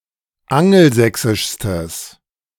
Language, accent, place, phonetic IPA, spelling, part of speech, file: German, Germany, Berlin, [ˈaŋl̩ˌzɛksɪʃstəs], angelsächsischstes, adjective, De-angelsächsischstes.ogg
- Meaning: strong/mixed nominative/accusative neuter singular superlative degree of angelsächsisch